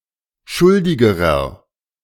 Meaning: inflection of schuldig: 1. strong/mixed nominative masculine singular comparative degree 2. strong genitive/dative feminine singular comparative degree 3. strong genitive plural comparative degree
- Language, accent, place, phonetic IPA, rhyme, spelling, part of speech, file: German, Germany, Berlin, [ˈʃʊldɪɡəʁɐ], -ʊldɪɡəʁɐ, schuldigerer, adjective, De-schuldigerer.ogg